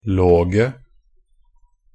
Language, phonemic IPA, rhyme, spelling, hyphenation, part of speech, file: Norwegian Bokmål, /ˈloːɡə/, -oːɡə, -loge, -lo‧ge, suffix, Nb--loge.ogg
- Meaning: definite singular & plural form of -log